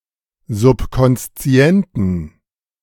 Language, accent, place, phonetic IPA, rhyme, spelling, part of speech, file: German, Germany, Berlin, [zʊpkɔnsˈt͡si̯ɛntn̩], -ɛntn̩, subkonszienten, adjective, De-subkonszienten.ogg
- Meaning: inflection of subkonszient: 1. strong genitive masculine/neuter singular 2. weak/mixed genitive/dative all-gender singular 3. strong/weak/mixed accusative masculine singular 4. strong dative plural